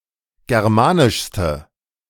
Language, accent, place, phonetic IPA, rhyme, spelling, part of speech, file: German, Germany, Berlin, [ˌɡɛʁˈmaːnɪʃstə], -aːnɪʃstə, germanischste, adjective, De-germanischste.ogg
- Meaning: inflection of germanisch: 1. strong/mixed nominative/accusative feminine singular superlative degree 2. strong nominative/accusative plural superlative degree